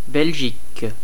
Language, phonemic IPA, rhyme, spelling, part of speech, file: French, /bɛl.ʒik/, -ik, Belgique, proper noun, Fr-Belgique.ogg
- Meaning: 1. Belgium (a country in Western Europe that has borders with the Netherlands, Germany, Luxembourg and France; official name: Royaume de Belgique) 2. the Netherlands 3. the Low Countries